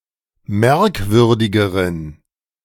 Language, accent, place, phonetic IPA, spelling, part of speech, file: German, Germany, Berlin, [ˈmɛʁkˌvʏʁdɪɡəʁən], merkwürdigeren, adjective, De-merkwürdigeren.ogg
- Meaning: inflection of merkwürdig: 1. strong genitive masculine/neuter singular comparative degree 2. weak/mixed genitive/dative all-gender singular comparative degree